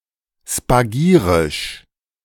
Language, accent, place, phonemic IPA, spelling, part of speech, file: German, Germany, Berlin, /spaˈɡiːʁɪʃ/, spagirisch, adjective, De-spagirisch.ogg
- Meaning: spagiric